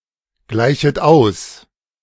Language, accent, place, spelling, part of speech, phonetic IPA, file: German, Germany, Berlin, gleichet aus, verb, [ˌɡlaɪ̯çət ˈaʊ̯s], De-gleichet aus.ogg
- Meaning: second-person plural subjunctive I of ausgleichen